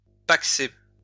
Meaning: to enter into a civil partnership
- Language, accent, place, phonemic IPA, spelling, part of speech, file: French, France, Lyon, /pak.se/, pacser, verb, LL-Q150 (fra)-pacser.wav